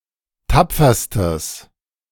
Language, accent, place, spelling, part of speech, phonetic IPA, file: German, Germany, Berlin, tapferstes, adjective, [ˈtap͡fɐstəs], De-tapferstes.ogg
- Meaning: strong/mixed nominative/accusative neuter singular superlative degree of tapfer